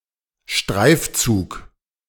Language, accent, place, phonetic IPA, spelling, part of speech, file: German, Germany, Berlin, [ˈʃtʁaɪ̯fˌt͡suːk], Streifzug, noun, De-Streifzug.ogg
- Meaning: ramble